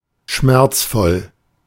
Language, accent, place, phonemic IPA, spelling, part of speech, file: German, Germany, Berlin, /ˈʃmɛʁt͡sfɔl/, schmerzvoll, adjective, De-schmerzvoll.ogg
- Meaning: painful